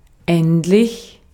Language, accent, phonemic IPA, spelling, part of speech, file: German, Austria, /ˈɛntlɪç/, endlich, adjective / adverb, De-at-endlich.ogg
- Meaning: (adjective) finite, limited; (adverb) eventually, at last, finally